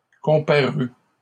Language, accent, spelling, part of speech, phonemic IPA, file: French, Canada, comparus, verb, /kɔ̃.pa.ʁy/, LL-Q150 (fra)-comparus.wav
- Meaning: 1. first/second-person singular past historic of comparaître 2. masculine plural of comparu